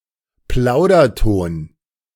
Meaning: conversational tone, casual tone, chatty tone
- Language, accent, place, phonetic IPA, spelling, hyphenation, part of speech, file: German, Germany, Berlin, [ˈplaʊ̯dɐˌtoːn], Plauderton, Plau‧der‧ton, noun, De-Plauderton.ogg